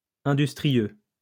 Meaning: industrious
- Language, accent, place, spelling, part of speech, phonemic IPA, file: French, France, Lyon, industrieux, adjective, /ɛ̃.dys.tʁi.jø/, LL-Q150 (fra)-industrieux.wav